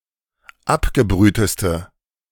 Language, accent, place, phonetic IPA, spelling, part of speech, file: German, Germany, Berlin, [ˈapɡəˌbʁyːtəstə], abgebrühteste, adjective, De-abgebrühteste.ogg
- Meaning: inflection of abgebrüht: 1. strong/mixed nominative/accusative feminine singular superlative degree 2. strong nominative/accusative plural superlative degree